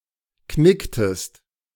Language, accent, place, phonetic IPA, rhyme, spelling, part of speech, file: German, Germany, Berlin, [ˈknɪktəst], -ɪktəst, knicktest, verb, De-knicktest.ogg
- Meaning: inflection of knicken: 1. second-person singular preterite 2. second-person singular subjunctive II